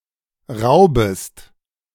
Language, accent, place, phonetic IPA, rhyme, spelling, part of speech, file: German, Germany, Berlin, [ˈʁaʊ̯bəst], -aʊ̯bəst, raubest, verb, De-raubest.ogg
- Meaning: second-person singular subjunctive I of rauben